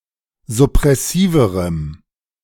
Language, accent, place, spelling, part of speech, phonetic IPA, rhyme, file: German, Germany, Berlin, suppressiverem, adjective, [zʊpʁɛˈsiːvəʁəm], -iːvəʁəm, De-suppressiverem.ogg
- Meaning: strong dative masculine/neuter singular comparative degree of suppressiv